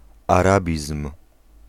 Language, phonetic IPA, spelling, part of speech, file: Polish, [aˈrabʲism̥], arabizm, noun, Pl-arabizm.ogg